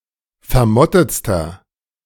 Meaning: inflection of vermottet: 1. strong/mixed nominative masculine singular superlative degree 2. strong genitive/dative feminine singular superlative degree 3. strong genitive plural superlative degree
- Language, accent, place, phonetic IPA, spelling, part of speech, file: German, Germany, Berlin, [fɛɐ̯ˈmɔtət͡stɐ], vermottetster, adjective, De-vermottetster.ogg